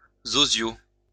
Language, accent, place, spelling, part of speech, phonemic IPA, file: French, France, Lyon, zoziau, noun, /zo.zjo/, LL-Q150 (fra)-zoziau.wav
- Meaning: alternative form of zoiseau